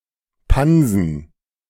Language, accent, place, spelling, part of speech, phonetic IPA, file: German, Germany, Berlin, Pansen, noun, [ˈpan.zn̩], De-Pansen.ogg
- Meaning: rumen, fardingbag, paunch